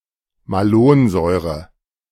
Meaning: malonic acid
- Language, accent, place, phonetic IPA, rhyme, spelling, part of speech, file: German, Germany, Berlin, [maˈloːnˌzɔɪ̯ʁə], -oːnzɔɪ̯ʁə, Malonsäure, noun, De-Malonsäure.ogg